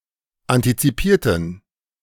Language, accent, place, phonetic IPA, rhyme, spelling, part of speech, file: German, Germany, Berlin, [ˌantit͡siˈpiːɐ̯tn̩], -iːɐ̯tn̩, antizipierten, adjective, De-antizipierten.ogg
- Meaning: inflection of antizipiert: 1. strong genitive masculine/neuter singular 2. weak/mixed genitive/dative all-gender singular 3. strong/weak/mixed accusative masculine singular 4. strong dative plural